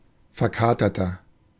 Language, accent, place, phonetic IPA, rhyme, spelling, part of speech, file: German, Germany, Berlin, [fɛɐ̯ˈkaːtɐtɐ], -aːtɐtɐ, verkaterter, adjective, De-verkaterter.ogg
- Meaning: 1. comparative degree of verkatert 2. inflection of verkatert: strong/mixed nominative masculine singular 3. inflection of verkatert: strong genitive/dative feminine singular